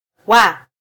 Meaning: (verb) 1. to be 2. to become 3. dummy verb that takes tense marking while the main verb takes aspect marking 4. stem of -wapo, -wako, or -wamo 5. stem of -wa na
- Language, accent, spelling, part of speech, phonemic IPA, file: Swahili, Kenya, wa, verb / particle, /wɑ/, Sw-ke-wa.flac